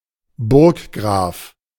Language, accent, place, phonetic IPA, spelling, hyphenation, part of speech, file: German, Germany, Berlin, [ˈbʊrkɡraːf], Burggraf, Burg‧graf, noun, De-Burggraf.ogg